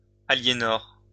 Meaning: a female given name from Provençal, equivalent to English Eleanor
- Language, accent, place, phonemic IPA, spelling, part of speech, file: French, France, Lyon, /a.lje.nɔʁ/, Aliénor, proper noun, LL-Q150 (fra)-Aliénor.wav